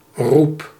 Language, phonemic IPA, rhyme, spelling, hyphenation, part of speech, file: Dutch, /rup/, -up, roep, roep, noun / verb, Nl-roep.ogg
- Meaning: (noun) 1. call, shout, cry 2. reputation 3. call, demand; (verb) inflection of roepen: 1. first-person singular present indicative 2. second-person singular present indicative 3. imperative